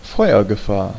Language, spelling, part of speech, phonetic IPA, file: German, Feuergefahr, noun, [ˈfɔɪ̯ɐɡəˌfaːɐ̯], De-Feuergefahr.ogg
- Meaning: fire hazard